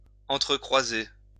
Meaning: to criss-cross, intersect
- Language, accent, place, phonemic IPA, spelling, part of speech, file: French, France, Lyon, /ɑ̃.tʁə.kʁwa.ze/, entrecroiser, verb, LL-Q150 (fra)-entrecroiser.wav